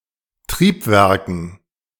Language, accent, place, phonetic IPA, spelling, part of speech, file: German, Germany, Berlin, [ˈtʁiːpˌvɛʁkn̩], Triebwerken, noun, De-Triebwerken.ogg
- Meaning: dative plural of Triebwerk